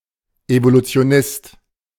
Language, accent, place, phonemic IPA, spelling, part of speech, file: German, Germany, Berlin, /evolutsɪ̯oˈnɪst/, Evolutionist, noun, De-Evolutionist.ogg
- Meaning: evolutionist (male or of unspecified gender)